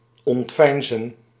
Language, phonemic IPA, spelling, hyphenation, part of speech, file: Dutch, /ˌɔntˈʋɛi̯n.zə(n)/, ontveinzen, ont‧vein‧zen, verb, Nl-ontveinzen.ogg
- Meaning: 1. to conceal by feigning 2. to feign ignorance